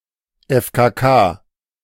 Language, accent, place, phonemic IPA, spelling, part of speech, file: German, Germany, Berlin, /ˌɛfkaˑˈkaː/, FKK, noun, De-FKK.ogg
- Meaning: initialism of Freikörperkultur (“nudist movement in Germany”)